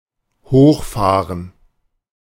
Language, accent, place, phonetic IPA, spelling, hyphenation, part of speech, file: German, Germany, Berlin, [ˈhoːxˌfaːʁən], hochfahren, hoch‧fah‧ren, verb, De-hochfahren.ogg
- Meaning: 1. to drive upwards/northwards 2. to boot 3. to become upset